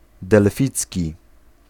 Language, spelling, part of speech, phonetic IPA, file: Polish, delficki, adjective, [dɛlˈfʲit͡sʲci], Pl-delficki.ogg